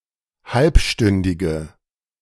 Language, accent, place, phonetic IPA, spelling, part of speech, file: German, Germany, Berlin, [ˈhalpˌʃtʏndɪɡə], halbstündige, adjective, De-halbstündige.ogg
- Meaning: inflection of halbstündig: 1. strong/mixed nominative/accusative feminine singular 2. strong nominative/accusative plural 3. weak nominative all-gender singular